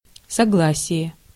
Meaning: 1. consent, assent 2. agreement 3. accord, accordance, concord, harmony 4. consonant
- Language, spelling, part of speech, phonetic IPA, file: Russian, согласие, noun, [sɐˈɡɫasʲɪje], Ru-согласие.ogg